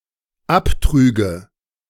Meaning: first/third-person singular dependent subjunctive II of abtragen
- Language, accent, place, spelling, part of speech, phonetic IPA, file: German, Germany, Berlin, abtrüge, verb, [ˈapˌtʁyːɡə], De-abtrüge.ogg